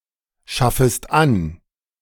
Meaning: second-person singular subjunctive I of anschaffen
- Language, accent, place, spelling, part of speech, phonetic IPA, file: German, Germany, Berlin, schaffest an, verb, [ˌʃafəst ˈan], De-schaffest an.ogg